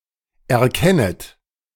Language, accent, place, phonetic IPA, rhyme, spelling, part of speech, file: German, Germany, Berlin, [ɛɐ̯ˈkɛnət], -ɛnət, erkennet, verb, De-erkennet.ogg
- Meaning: second-person plural subjunctive I of erkennen